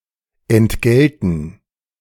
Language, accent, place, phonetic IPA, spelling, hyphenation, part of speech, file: German, Germany, Berlin, [ɛntˈɡɛltn̩], entgelten, ent‧gel‧ten, verb, De-entgelten.ogg
- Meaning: to compensate, recompense